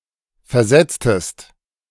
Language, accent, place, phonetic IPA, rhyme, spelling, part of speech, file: German, Germany, Berlin, [fɛɐ̯ˈzɛt͡stəst], -ɛt͡stəst, versetztest, verb, De-versetztest.ogg
- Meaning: inflection of versetzen: 1. second-person singular preterite 2. second-person singular subjunctive II